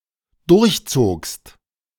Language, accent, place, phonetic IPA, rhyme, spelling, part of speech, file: German, Germany, Berlin, [ˌdʊʁçˈt͡soːkst], -oːkst, durchzogst, verb, De-durchzogst.ogg
- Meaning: second-person singular dependent preterite of durchziehen